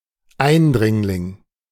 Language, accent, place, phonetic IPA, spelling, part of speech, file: German, Germany, Berlin, [ˈaɪ̯nˌdʁɪŋlɪŋ], Eindringling, noun, De-Eindringling.ogg
- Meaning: intruder, interloper, trespasser